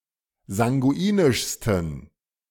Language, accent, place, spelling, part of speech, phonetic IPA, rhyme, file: German, Germany, Berlin, sanguinischsten, adjective, [zaŋɡuˈiːnɪʃstn̩], -iːnɪʃstn̩, De-sanguinischsten.ogg
- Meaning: 1. superlative degree of sanguinisch 2. inflection of sanguinisch: strong genitive masculine/neuter singular superlative degree